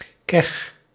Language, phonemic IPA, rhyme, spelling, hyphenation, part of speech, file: Dutch, /kɛx/, -ɛx, kech, kech, noun, Nl-kech.ogg
- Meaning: whore (usually as a term of abuse for a woman)